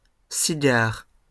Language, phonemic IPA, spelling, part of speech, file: French, /si.ɡaʁ/, cigares, noun, LL-Q150 (fra)-cigares.wav
- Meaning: plural of cigare